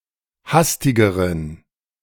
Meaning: inflection of hastig: 1. strong genitive masculine/neuter singular comparative degree 2. weak/mixed genitive/dative all-gender singular comparative degree
- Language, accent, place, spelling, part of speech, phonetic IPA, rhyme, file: German, Germany, Berlin, hastigeren, adjective, [ˈhastɪɡəʁən], -astɪɡəʁən, De-hastigeren.ogg